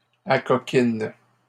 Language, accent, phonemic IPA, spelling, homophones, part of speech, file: French, Canada, /a.kɔ.kin/, acoquine, acoquinent / acoquines, verb, LL-Q150 (fra)-acoquine.wav
- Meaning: inflection of acoquiner: 1. first/third-person singular present indicative/subjunctive 2. second-person singular imperative